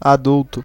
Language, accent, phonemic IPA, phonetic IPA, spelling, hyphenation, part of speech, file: Portuguese, Brazil, /aˈduw.tu/, [aˈduʊ̯.tu], adulto, a‧dul‧to, adjective / noun, Pt-br-adulto.ogg
- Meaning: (adjective) adult, grown-up; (noun) adult